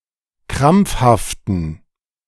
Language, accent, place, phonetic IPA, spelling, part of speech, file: German, Germany, Berlin, [ˈkʁamp͡fhaftn̩], krampfhaften, adjective, De-krampfhaften.ogg
- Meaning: inflection of krampfhaft: 1. strong genitive masculine/neuter singular 2. weak/mixed genitive/dative all-gender singular 3. strong/weak/mixed accusative masculine singular 4. strong dative plural